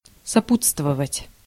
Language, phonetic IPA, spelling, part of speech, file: Russian, [sɐˈput͡stvəvətʲ], сопутствовать, verb, Ru-сопутствовать.ogg
- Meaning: to accompany, to attend